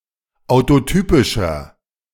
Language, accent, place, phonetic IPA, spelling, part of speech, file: German, Germany, Berlin, [aʊ̯toˈtyːpɪʃɐ], autotypischer, adjective, De-autotypischer.ogg
- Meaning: inflection of autotypisch: 1. strong/mixed nominative masculine singular 2. strong genitive/dative feminine singular 3. strong genitive plural